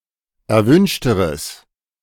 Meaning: strong/mixed nominative/accusative neuter singular comparative degree of erwünscht
- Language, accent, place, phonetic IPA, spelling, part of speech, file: German, Germany, Berlin, [ɛɐ̯ˈvʏnʃtəʁəs], erwünschteres, adjective, De-erwünschteres.ogg